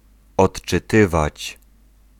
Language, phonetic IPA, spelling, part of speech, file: Polish, [ˌɔṭt͡ʃɨˈtɨvat͡ɕ], odczytywać, verb, Pl-odczytywać.ogg